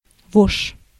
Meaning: louse (insect)
- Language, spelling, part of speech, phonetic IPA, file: Russian, вошь, noun, [voʂ], Ru-вошь.ogg